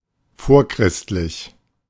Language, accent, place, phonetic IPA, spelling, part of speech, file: German, Germany, Berlin, [ˈfoːɐ̯ˌkʁɪstlɪç], vorchristlich, adjective, De-vorchristlich.ogg
- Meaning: pre-Christian